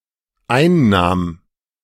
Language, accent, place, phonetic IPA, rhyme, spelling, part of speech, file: German, Germany, Berlin, [ˈaɪ̯nˌnaːm], -aɪ̯nnaːm, einnahm, verb, De-einnahm.ogg
- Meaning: first/third-person singular dependent preterite of einnehmen